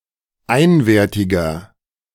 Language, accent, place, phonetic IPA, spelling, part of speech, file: German, Germany, Berlin, [ˈaɪ̯nveːɐ̯tɪɡɐ], einwertiger, adjective, De-einwertiger.ogg
- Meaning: inflection of einwertig: 1. strong/mixed nominative masculine singular 2. strong genitive/dative feminine singular 3. strong genitive plural